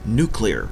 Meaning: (adjective) 1. Pertaining to the nucleus of an atom 2. Involving energy released by nuclear reactions (fission, fusion, radioactive decay)
- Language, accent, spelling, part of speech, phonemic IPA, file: English, Canada, nuclear, adjective / noun, /ˈn(j)u.kli.ɚ/, En-ca-nuclear.ogg